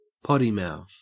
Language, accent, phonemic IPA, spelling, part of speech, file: English, Australia, /ˈpɒti maʊθ/, potty mouth, noun, En-au-potty mouth.ogg
- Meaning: 1. The characteristic of regularly using vulgar language, especially strong profanities 2. A person having this characteristic